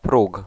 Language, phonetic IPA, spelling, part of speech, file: Polish, [pruk], próg, noun, Pl-próg.ogg